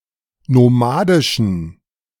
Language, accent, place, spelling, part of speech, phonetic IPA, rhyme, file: German, Germany, Berlin, nomadischen, adjective, [noˈmaːdɪʃn̩], -aːdɪʃn̩, De-nomadischen.ogg
- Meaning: inflection of nomadisch: 1. strong genitive masculine/neuter singular 2. weak/mixed genitive/dative all-gender singular 3. strong/weak/mixed accusative masculine singular 4. strong dative plural